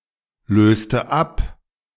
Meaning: inflection of ablösen: 1. first/third-person singular preterite 2. first/third-person singular subjunctive II
- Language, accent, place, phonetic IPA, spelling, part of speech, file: German, Germany, Berlin, [ˌløːstə ˈap], löste ab, verb, De-löste ab.ogg